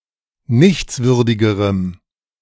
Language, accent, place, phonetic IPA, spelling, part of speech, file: German, Germany, Berlin, [ˈnɪçt͡sˌvʏʁdɪɡəʁəm], nichtswürdigerem, adjective, De-nichtswürdigerem.ogg
- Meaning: strong dative masculine/neuter singular comparative degree of nichtswürdig